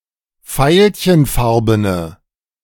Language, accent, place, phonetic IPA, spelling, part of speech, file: German, Germany, Berlin, [ˈfaɪ̯lçənˌfaʁbənə], veilchenfarbene, adjective, De-veilchenfarbene.ogg
- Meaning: inflection of veilchenfarben: 1. strong/mixed nominative/accusative feminine singular 2. strong nominative/accusative plural 3. weak nominative all-gender singular